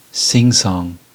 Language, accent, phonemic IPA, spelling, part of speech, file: English, US, /ˈsɪŋsɔŋ/, singsong, noun / adjective / verb, En-us-singsong.ogg
- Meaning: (noun) 1. A piece of verse with a simple, songlike rhythm 2. An informal gathering at which songs are sung; a singing session 3. Low-quality singing or poetry